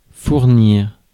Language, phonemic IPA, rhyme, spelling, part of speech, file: French, /fuʁ.niʁ/, -iʁ, fournir, verb, Fr-fournir.ogg
- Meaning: 1. to supply, to provide, to furnish 2. to put in 3. to follow suit 4. to poke, to shaft, to hump; to have sex